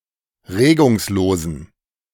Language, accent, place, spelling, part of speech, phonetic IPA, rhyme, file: German, Germany, Berlin, regungslosen, adjective, [ˈʁeːɡʊŋsˌloːzn̩], -eːɡʊŋsloːzn̩, De-regungslosen.ogg
- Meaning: inflection of regungslos: 1. strong genitive masculine/neuter singular 2. weak/mixed genitive/dative all-gender singular 3. strong/weak/mixed accusative masculine singular 4. strong dative plural